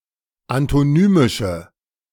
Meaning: inflection of antonymisch: 1. strong/mixed nominative/accusative feminine singular 2. strong nominative/accusative plural 3. weak nominative all-gender singular
- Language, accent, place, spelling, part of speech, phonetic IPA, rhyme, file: German, Germany, Berlin, antonymische, adjective, [antoˈnyːmɪʃə], -yːmɪʃə, De-antonymische.ogg